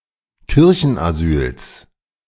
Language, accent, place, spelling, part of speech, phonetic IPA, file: German, Germany, Berlin, Kirchenasyls, noun, [ˈkɪʁçn̩ʔaˌzyːls], De-Kirchenasyls.ogg
- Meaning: genitive singular of Kirchenasyl